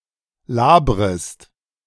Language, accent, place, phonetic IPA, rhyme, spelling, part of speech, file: German, Germany, Berlin, [ˈlaːbʁəst], -aːbʁəst, labrest, verb, De-labrest.ogg
- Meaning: second-person singular subjunctive I of labern